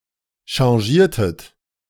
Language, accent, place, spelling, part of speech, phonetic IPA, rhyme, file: German, Germany, Berlin, changiertet, verb, [ʃɑ̃ˈʒiːɐ̯tət], -iːɐ̯tət, De-changiertet.ogg
- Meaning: inflection of changieren: 1. second-person plural preterite 2. second-person plural subjunctive II